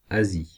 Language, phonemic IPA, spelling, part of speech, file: French, /a.zi/, Asie, proper noun, Fr-Asie.ogg
- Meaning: Asia (the largest continent, located between Europe and the Pacific Ocean)